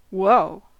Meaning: Alternative spelling of whoa
- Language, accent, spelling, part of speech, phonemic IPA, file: English, US, woah, interjection, /woʊ/, En-us-woah.ogg